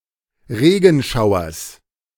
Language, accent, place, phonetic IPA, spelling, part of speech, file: German, Germany, Berlin, [ˈʁeːɡn̩ˌʃaʊ̯ɐs], Regenschauers, noun, De-Regenschauers.ogg
- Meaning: genitive singular of Regenschauer